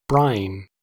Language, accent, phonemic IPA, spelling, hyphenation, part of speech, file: English, US, /ˈbɹaɪ̯n/, brine, brine, noun / verb, En-us-brine.ogg
- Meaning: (noun) 1. Salt water; water saturated or strongly impregnated with salt; a salt-and-water solution for pickling 2. The sea or ocean; the water of the sea; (verb) To preserve food in a salt solution